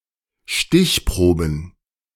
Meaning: plural of Stichprobe
- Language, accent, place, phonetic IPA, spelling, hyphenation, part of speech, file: German, Germany, Berlin, [ˈʃtɪçˌpʁoːbn̩], Stichproben, Stich‧pro‧ben, noun, De-Stichproben.ogg